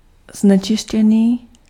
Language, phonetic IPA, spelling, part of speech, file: Czech, [ˈznɛt͡ʃɪʃcɛniː], znečištěný, adjective, Cs-znečištěný.ogg
- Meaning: polluted